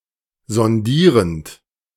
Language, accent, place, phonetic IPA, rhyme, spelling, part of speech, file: German, Germany, Berlin, [zɔnˈdiːʁənt], -iːʁənt, sondierend, verb, De-sondierend.ogg
- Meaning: present participle of sondieren